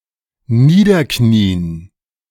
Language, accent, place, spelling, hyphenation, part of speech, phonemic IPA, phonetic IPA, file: German, Germany, Berlin, niederknien, nie‧der‧kni‧en, verb, /ˈniːdəʁˌkniːən/, [ˈniːdɐˌkʰniːən], De-niederknien.ogg
- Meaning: to kneel down, to genuflect